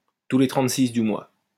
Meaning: alternative spelling of tous les 36 du mois
- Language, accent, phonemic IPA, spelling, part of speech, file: French, France, /tu le tʁɑ̃t.sis dy mwa/, tous les trente-six du mois, adverb, LL-Q150 (fra)-tous les trente-six du mois.wav